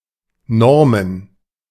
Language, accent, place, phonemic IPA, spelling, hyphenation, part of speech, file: German, Germany, Berlin, /ˈnɔʁmən/, normen, nor‧men, verb, De-normen.ogg
- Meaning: to standardize, to set a norm for